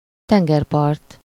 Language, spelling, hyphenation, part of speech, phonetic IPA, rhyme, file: Hungarian, tengerpart, ten‧ger‧part, noun, [ˈtɛŋɡɛrpɒrt], -ɒrt, Hu-tengerpart.ogg
- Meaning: beach, coast, seacoast, seashore